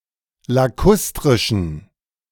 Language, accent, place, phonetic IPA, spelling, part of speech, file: German, Germany, Berlin, [laˈkʊstʁɪʃn̩], lakustrischen, adjective, De-lakustrischen.ogg
- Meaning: inflection of lakustrisch: 1. strong genitive masculine/neuter singular 2. weak/mixed genitive/dative all-gender singular 3. strong/weak/mixed accusative masculine singular 4. strong dative plural